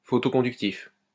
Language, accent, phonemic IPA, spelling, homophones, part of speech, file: French, France, /fɔ.tɔ.kɔ̃.dyk.tif/, photoconductif, photoconductifs, adjective, LL-Q150 (fra)-photoconductif.wav
- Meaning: photoconductive